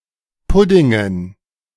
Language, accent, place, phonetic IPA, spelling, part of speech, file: German, Germany, Berlin, [ˈpʊdɪŋən], Puddingen, noun, De-Puddingen.ogg
- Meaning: dative plural of Pudding